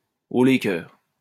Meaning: chin up!
- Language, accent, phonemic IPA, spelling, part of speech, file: French, France, /o le kœʁ/, haut les cœurs, interjection, LL-Q150 (fra)-haut les cœurs.wav